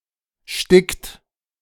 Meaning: inflection of sticken: 1. third-person singular present 2. second-person plural present 3. plural imperative
- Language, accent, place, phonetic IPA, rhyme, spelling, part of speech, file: German, Germany, Berlin, [ʃtɪkt], -ɪkt, stickt, verb, De-stickt.ogg